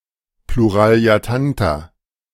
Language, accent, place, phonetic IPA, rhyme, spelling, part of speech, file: German, Germany, Berlin, [pluʁaːli̯aˈtanta], -anta, Pluraliatanta, noun, De-Pluraliatanta.ogg
- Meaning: plural of Pluraletantum